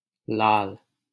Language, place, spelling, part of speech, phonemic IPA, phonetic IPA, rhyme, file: Hindi, Delhi, लाल, noun / adjective / proper noun, /lɑːl/, [läːl], -ɑːl, LL-Q1568 (hin)-लाल.wav
- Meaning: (noun) red (color/colour); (adjective) dear, beloved, darling; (noun) an infant boy, dear son; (proper noun) 1. dear son: a designation of Krishna 2. a male surname, Lal 3. a male given name, Lal